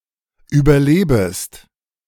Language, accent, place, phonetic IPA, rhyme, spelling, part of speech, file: German, Germany, Berlin, [ˌyːbɐˈleːbəst], -eːbəst, überlebest, verb, De-überlebest.ogg
- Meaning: second-person singular subjunctive I of überleben